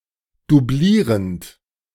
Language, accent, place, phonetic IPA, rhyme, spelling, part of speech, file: German, Germany, Berlin, [duˈbliːʁənt], -iːʁənt, doublierend, verb, De-doublierend.ogg
- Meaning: present participle of doublieren